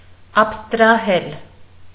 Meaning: to abstract
- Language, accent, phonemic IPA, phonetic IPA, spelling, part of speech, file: Armenian, Eastern Armenian, /ɑpʰstɾɑˈhel/, [ɑpʰstɾɑhél], աբստրահել, verb, Hy-աբստրահել.ogg